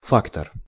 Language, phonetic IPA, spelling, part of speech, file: Russian, [ˈfaktər], фактор, noun, Ru-фактор.ogg
- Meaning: 1. factor (significant influence) 2. factor 3. factor, factotum, agent, broker (doer, maker)